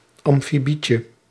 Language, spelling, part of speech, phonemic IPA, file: Dutch, amfibietje, noun, /ɑmfiˈbicə/, Nl-amfibietje.ogg
- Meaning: diminutive of amfibie